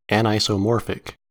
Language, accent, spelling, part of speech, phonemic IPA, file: English, US, anisomorphic, adjective, /ænˌaɪ.soʊˈmɔːɹ.fɪk/, En-us-anisomorphic.ogg
- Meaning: Not isomorphic